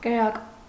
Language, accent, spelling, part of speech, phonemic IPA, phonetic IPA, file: Armenian, Eastern Armenian, կրակ, noun, /kəˈɾɑk/, [kəɾɑ́k], Hy-կրակ.ogg
- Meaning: 1. fire 2. light, lamp 3. fever 4. heat 5. fervour 6. shooting, firing